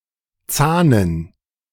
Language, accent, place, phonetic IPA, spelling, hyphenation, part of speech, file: German, Germany, Berlin, [ˈt͡saːnən], zahnen, zah‧nen, verb, De-zahnen.ogg
- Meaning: to teethe (to grow teeth)